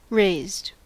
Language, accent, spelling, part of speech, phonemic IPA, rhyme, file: English, US, raised, verb / adjective, /ɹeɪzd/, -eɪzd, En-us-raised.ogg
- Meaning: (verb) simple past and past participle of raise; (adjective) 1. Embossed, in relief 2. Leavened, especially with yeast